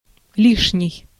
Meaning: 1. extra, spare (reserve, backup, free, unused) 2. excess, unnecessary, superfluous, redundant, too much, surplus (more than what is necessary and/or desirable)
- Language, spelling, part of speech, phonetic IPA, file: Russian, лишний, adjective, [ˈlʲiʂnʲɪj], Ru-лишний.ogg